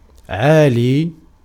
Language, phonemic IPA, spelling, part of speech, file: Arabic, /ʕaː.liː/, عالي, adverb / adjective, Ar-عالي.ogg
- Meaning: over, upon, above